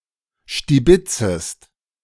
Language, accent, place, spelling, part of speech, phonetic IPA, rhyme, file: German, Germany, Berlin, stibitzest, verb, [ʃtiˈbɪt͡səst], -ɪt͡səst, De-stibitzest.ogg
- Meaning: second-person singular subjunctive I of stibitzen